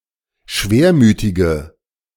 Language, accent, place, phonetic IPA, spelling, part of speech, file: German, Germany, Berlin, [ˈʃveːɐ̯ˌmyːtɪɡə], schwermütige, adjective, De-schwermütige.ogg
- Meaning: inflection of schwermütig: 1. strong/mixed nominative/accusative feminine singular 2. strong nominative/accusative plural 3. weak nominative all-gender singular